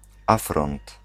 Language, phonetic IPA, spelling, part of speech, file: Polish, [ˈafrɔ̃nt], afront, noun, Pl-afront.ogg